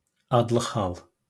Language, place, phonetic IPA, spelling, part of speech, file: Azerbaijani, Baku, [ɑdˈɫɯχ hɑɫ], adlıq hal, noun, LL-Q9292 (aze)-adlıq hal.wav
- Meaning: nominative case